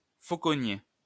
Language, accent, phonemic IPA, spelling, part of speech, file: French, France, /fo.kɔ.nje/, fauconnier, noun, LL-Q150 (fra)-fauconnier.wav
- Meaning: falconer (a person who breeds or trains hawks)